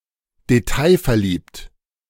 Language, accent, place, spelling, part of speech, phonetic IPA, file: German, Germany, Berlin, detailverliebte, adjective, [deˈtaɪ̯fɛɐ̯ˌliːptə], De-detailverliebte.ogg
- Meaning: inflection of detailverliebt: 1. strong/mixed nominative/accusative feminine singular 2. strong nominative/accusative plural 3. weak nominative all-gender singular